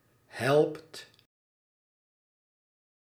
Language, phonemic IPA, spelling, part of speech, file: Dutch, /ˈhɛlpt/, helpt, verb, Nl-helpt.ogg
- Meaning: inflection of helpen: 1. second/third-person singular present indicative 2. plural imperative